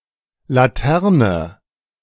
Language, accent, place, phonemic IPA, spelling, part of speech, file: German, Germany, Berlin, /laˈtɛʁnə/, Laterne, noun, De-Laterne2.ogg
- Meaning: lantern (casing for a light source, fashioned from transparent material): 1. lampion, paper lantern 2. synonym of Straßenlaterne